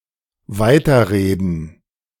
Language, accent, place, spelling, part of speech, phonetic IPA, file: German, Germany, Berlin, weiterreden, verb, [ˈvaɪ̯tɐˌʁeːdn̩], De-weiterreden.ogg
- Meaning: to continue speaking